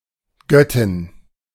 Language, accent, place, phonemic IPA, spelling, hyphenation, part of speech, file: German, Germany, Berlin, /ˈɡœtɪn/, Göttin, Göt‧tin, noun, De-Göttin.ogg
- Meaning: goddess